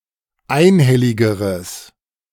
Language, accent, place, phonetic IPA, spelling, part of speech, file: German, Germany, Berlin, [ˈaɪ̯nˌhɛlɪɡəʁəs], einhelligeres, adjective, De-einhelligeres.ogg
- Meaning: strong/mixed nominative/accusative neuter singular comparative degree of einhellig